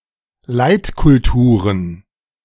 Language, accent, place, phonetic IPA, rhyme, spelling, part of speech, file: German, Germany, Berlin, [ˈlaɪ̯tkʊlˌtuːʁən], -aɪ̯tkʊltuːʁən, Leitkulturen, noun, De-Leitkulturen.ogg
- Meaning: plural of Leitkultur